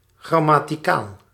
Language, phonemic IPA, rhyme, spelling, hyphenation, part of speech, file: Dutch, /ˌɣrɑ.maː.tiˈkaːl/, -aːl, grammaticaal, gram‧ma‧ti‧caal, adjective, Nl-grammaticaal.ogg
- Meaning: grammatical